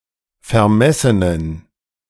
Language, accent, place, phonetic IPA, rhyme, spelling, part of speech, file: German, Germany, Berlin, [fɛɐ̯ˈmɛsənən], -ɛsənən, vermessenen, adjective, De-vermessenen.ogg
- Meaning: inflection of vermessen: 1. strong genitive masculine/neuter singular 2. weak/mixed genitive/dative all-gender singular 3. strong/weak/mixed accusative masculine singular 4. strong dative plural